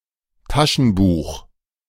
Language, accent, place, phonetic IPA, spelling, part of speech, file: German, Germany, Berlin, [ˈtaʃn̩ˌbuːx], Taschenbuch, noun, De-Taschenbuch.ogg
- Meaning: paperback